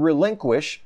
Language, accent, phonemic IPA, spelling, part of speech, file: English, US, /ɹɪˈlɪŋkwɪʃ/, relinquish, verb, En-us-relinquish.ogg
- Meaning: 1. To give up, abandon or retire from something; to trade away 2. To let go (free, away), physically release 3. To metaphorically surrender, yield control or possession